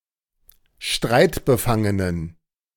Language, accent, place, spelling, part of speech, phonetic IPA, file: German, Germany, Berlin, streitbefangenen, adjective, [ˈʃtʁaɪ̯tbəˌfaŋənən], De-streitbefangenen.ogg
- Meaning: inflection of streitbefangen: 1. strong genitive masculine/neuter singular 2. weak/mixed genitive/dative all-gender singular 3. strong/weak/mixed accusative masculine singular 4. strong dative plural